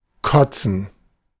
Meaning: to vomit; to puke
- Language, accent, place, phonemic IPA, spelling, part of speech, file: German, Germany, Berlin, /ˈkɔtsən/, kotzen, verb, De-kotzen.ogg